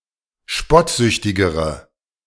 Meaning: inflection of spottsüchtig: 1. strong/mixed nominative/accusative feminine singular comparative degree 2. strong nominative/accusative plural comparative degree
- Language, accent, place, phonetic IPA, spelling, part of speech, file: German, Germany, Berlin, [ˈʃpɔtˌzʏçtɪɡəʁə], spottsüchtigere, adjective, De-spottsüchtigere.ogg